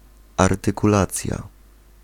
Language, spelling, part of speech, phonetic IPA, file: Polish, artykulacja, noun, [artɨkuˈlat͡sja], Pl-artykulacja.ogg